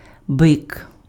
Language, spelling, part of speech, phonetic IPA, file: Ukrainian, бик, noun, [bɪk], Uk-бик.ogg
- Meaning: bull